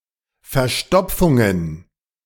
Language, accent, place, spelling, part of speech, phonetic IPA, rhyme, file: German, Germany, Berlin, verstopftet, verb, [fɛɐ̯ˈʃtɔp͡ftət], -ɔp͡ftət, De-verstopftet.ogg
- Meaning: inflection of verstopfen: 1. second-person plural preterite 2. second-person plural subjunctive II